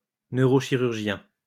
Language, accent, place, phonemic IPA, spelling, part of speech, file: French, France, Lyon, /nø.ʁo.ʃi.ʁyʁ.ʒjɛ̃/, neurochirurgien, noun, LL-Q150 (fra)-neurochirurgien.wav
- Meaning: neurosurgeon